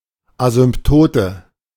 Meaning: asymptote (straight line which a curve approaches arbitrarily closely)
- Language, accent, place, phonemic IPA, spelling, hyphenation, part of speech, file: German, Germany, Berlin, /ˌazʏmpˈtoːtə/, Asymptote, Asymp‧to‧te, noun, De-Asymptote.ogg